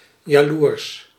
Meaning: jealous, envious (bitterly or enviously competitive)
- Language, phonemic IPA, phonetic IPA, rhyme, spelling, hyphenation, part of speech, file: Dutch, /jaːˈlurs/, [jaːˈluːrs], -urs, jaloers, ja‧loers, adjective, Nl-jaloers.ogg